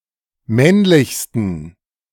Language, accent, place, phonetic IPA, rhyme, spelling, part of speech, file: German, Germany, Berlin, [ˈmɛnlɪçstn̩], -ɛnlɪçstn̩, männlichsten, adjective, De-männlichsten.ogg
- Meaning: 1. superlative degree of männlich 2. inflection of männlich: strong genitive masculine/neuter singular superlative degree